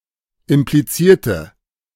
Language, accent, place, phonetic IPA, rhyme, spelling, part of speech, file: German, Germany, Berlin, [ɪmpliˈt͡siːɐ̯tə], -iːɐ̯tə, implizierte, adjective / verb, De-implizierte.ogg
- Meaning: inflection of implizieren: 1. first/third-person singular preterite 2. first/third-person singular subjunctive II